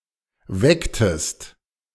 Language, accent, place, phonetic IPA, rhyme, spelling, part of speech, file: German, Germany, Berlin, [ˈvɛktəst], -ɛktəst, wecktest, verb, De-wecktest.ogg
- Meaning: inflection of wecken: 1. second-person singular preterite 2. second-person singular subjunctive II